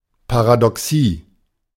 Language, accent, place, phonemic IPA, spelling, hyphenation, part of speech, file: German, Germany, Berlin, /paʁadɔˈksiː/, Paradoxie, Pa‧ra‧do‧xie, noun, De-Paradoxie.ogg
- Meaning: paradox